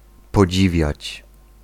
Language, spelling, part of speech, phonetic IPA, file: Polish, podziwiać, verb, [pɔˈd͡ʑivʲjät͡ɕ], Pl-podziwiać.ogg